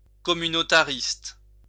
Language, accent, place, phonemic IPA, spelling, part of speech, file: French, France, Lyon, /kɔ.my.no.ta.ʁist/, communautariste, adjective, LL-Q150 (fra)-communautariste.wav
- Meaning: communitarian